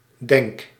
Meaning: inflection of denken: 1. first-person singular present indicative 2. second-person singular present indicative 3. imperative
- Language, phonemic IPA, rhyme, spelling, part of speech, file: Dutch, /dɛŋk/, -ɛŋk, denk, verb, Nl-denk.ogg